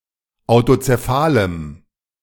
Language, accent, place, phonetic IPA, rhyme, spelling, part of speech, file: German, Germany, Berlin, [aʊ̯tot͡seˈfaːləm], -aːləm, autozephalem, adjective, De-autozephalem.ogg
- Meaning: strong dative masculine/neuter singular of autozephal